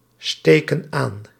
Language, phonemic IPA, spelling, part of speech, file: Dutch, /ˈstekə(n) ˈan/, steken aan, verb, Nl-steken aan.ogg
- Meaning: inflection of aansteken: 1. plural present indicative 2. plural present subjunctive